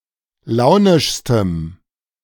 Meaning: strong dative masculine/neuter singular superlative degree of launisch
- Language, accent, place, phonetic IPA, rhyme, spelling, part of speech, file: German, Germany, Berlin, [ˈlaʊ̯nɪʃstəm], -aʊ̯nɪʃstəm, launischstem, adjective, De-launischstem.ogg